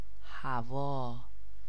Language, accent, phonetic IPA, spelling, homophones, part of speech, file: Persian, Iran, [hæ.vɒː], هوا, هویٰ, noun, Fa-هوا.ogg
- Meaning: 1. air 2. wind 3. weather 4. desire, love, passion